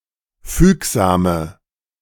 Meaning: inflection of fügsam: 1. strong/mixed nominative/accusative feminine singular 2. strong nominative/accusative plural 3. weak nominative all-gender singular 4. weak accusative feminine/neuter singular
- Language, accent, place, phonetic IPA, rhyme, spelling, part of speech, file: German, Germany, Berlin, [ˈfyːkzaːmə], -yːkzaːmə, fügsame, adjective, De-fügsame.ogg